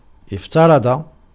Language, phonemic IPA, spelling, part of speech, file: Arabic, /if.ta.ra.dˤa/, افترض, verb, Ar-افترض.ogg
- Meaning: 1. to impose, to order 2. suppose, to assume, to estimate, to presume